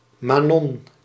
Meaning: a female given name
- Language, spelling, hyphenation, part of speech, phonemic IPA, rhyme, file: Dutch, Manon, Ma‧non, proper noun, /maːˈnɔn/, -ɔn, Nl-Manon.ogg